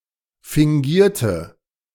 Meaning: inflection of fingieren: 1. first/third-person singular preterite 2. first/third-person singular subjunctive II
- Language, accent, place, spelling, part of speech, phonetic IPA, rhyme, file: German, Germany, Berlin, fingierte, adjective / verb, [fɪŋˈɡiːɐ̯tə], -iːɐ̯tə, De-fingierte.ogg